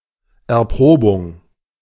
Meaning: 1. testing 2. test, trial
- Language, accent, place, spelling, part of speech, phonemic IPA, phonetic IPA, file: German, Germany, Berlin, Erprobung, noun, /ɛʁˈpʁoːbʊŋ/, [ʔɛɐ̯ˈpʁoːbʊŋ], De-Erprobung.ogg